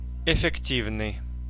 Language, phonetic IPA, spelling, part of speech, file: Russian, [ɪfʲɪkˈtʲivnɨj], эффективный, adjective, Ru-эффективный.ogg
- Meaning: 1. effective, efficacious 2. efficient